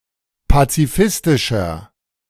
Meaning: 1. comparative degree of pazifistisch 2. inflection of pazifistisch: strong/mixed nominative masculine singular 3. inflection of pazifistisch: strong genitive/dative feminine singular
- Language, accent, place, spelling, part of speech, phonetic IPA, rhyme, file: German, Germany, Berlin, pazifistischer, adjective, [pat͡siˈfɪstɪʃɐ], -ɪstɪʃɐ, De-pazifistischer.ogg